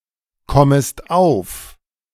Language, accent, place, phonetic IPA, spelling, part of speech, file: German, Germany, Berlin, [ˌkɔməst ˈaʊ̯f], kommest auf, verb, De-kommest auf.ogg
- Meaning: second-person singular subjunctive I of aufkommen